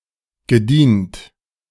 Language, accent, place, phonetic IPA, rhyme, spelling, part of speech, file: German, Germany, Berlin, [ɡəˈdiːnt], -iːnt, gedient, verb, De-gedient.ogg
- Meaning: past participle of dienen